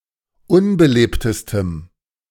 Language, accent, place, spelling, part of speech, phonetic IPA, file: German, Germany, Berlin, unbelebtestem, adjective, [ˈʊnbəˌleːptəstəm], De-unbelebtestem.ogg
- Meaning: strong dative masculine/neuter singular superlative degree of unbelebt